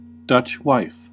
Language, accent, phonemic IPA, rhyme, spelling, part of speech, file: English, US, /ˌdʌtʃ ˈwaɪf/, -aɪf, Dutch wife, noun, En-us-Dutch wife.ogg
- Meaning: A long body-length bolster (pillow) that can be held or wrapped around one's body while sleeping